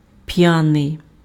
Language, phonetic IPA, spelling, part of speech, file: Ukrainian, [ˈpjanei̯], п'яний, adjective, Uk-п'яний.ogg
- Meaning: drunk, drunken, inebriated, intoxicated